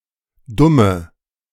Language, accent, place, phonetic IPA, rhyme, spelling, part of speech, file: German, Germany, Berlin, [ˈdʊmə], -ʊmə, dumme, adjective, De-dumme.ogg
- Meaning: inflection of dumm: 1. strong/mixed nominative/accusative feminine singular 2. strong nominative/accusative plural 3. weak nominative all-gender singular 4. weak accusative feminine/neuter singular